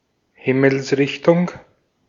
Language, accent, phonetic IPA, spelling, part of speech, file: German, Austria, [ˈhɪml̩sˌʁɪçtʊŋ], Himmelsrichtung, noun, De-at-Himmelsrichtung.ogg
- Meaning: compass point